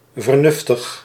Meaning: ingenious, nifty
- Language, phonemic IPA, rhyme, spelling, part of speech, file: Dutch, /vərˈnʏf.təx/, -ʏftəx, vernuftig, adjective, Nl-vernuftig.ogg